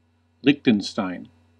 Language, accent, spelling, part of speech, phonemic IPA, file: English, US, Liechtenstein, proper noun / adjective, /ˈlɪk.tən.staɪn/, En-us-Liechtenstein.ogg
- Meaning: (proper noun) A microstate in Central Europe. Official name: Principality of Liechtenstein. Capital: Vaduz; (adjective) Of or relating to Liechtenstein